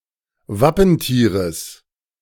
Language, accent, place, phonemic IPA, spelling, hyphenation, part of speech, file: German, Germany, Berlin, /ˈvapənˌtiːʁəs/, Wappentieres, Wap‧pen‧tie‧res, noun, De-Wappentieres.ogg
- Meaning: genitive singular of Wappentier